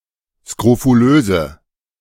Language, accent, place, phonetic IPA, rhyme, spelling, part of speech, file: German, Germany, Berlin, [skʁofuˈløːzə], -øːzə, skrofulöse, adjective, De-skrofulöse.ogg
- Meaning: inflection of skrofulös: 1. strong/mixed nominative/accusative feminine singular 2. strong nominative/accusative plural 3. weak nominative all-gender singular